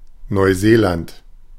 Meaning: New Zealand (a country and archipelago of Oceania, to the east of Australia)
- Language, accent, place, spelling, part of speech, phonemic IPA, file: German, Germany, Berlin, Neuseeland, proper noun, /nɔʏ̯ˈzeːlant/, De-Neuseeland.ogg